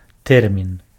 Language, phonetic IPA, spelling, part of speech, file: Belarusian, [ˈtɛrmʲin], тэрмін, noun, Be-тэрмін.ogg
- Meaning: 1. term (word) 2. term, date, time